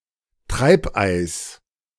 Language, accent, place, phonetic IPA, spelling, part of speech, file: German, Germany, Berlin, [ˈtʁaɪ̯pˌʔaɪ̯s], Treibeis, noun, De-Treibeis.ogg
- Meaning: drift ice